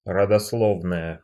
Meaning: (adjective) nominative feminine singular of родосло́вный (rodoslóvnyj); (noun) genealogy, pedigree
- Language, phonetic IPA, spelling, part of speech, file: Russian, [rədɐsˈɫovnəjə], родословная, adjective / noun, Ru-родословная.ogg